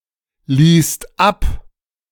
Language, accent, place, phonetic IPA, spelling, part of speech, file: German, Germany, Berlin, [ˌliːst ˈap], liest ab, verb, De-liest ab.ogg
- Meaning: inflection of ablesen: 1. second-person plural present 2. third-person singular present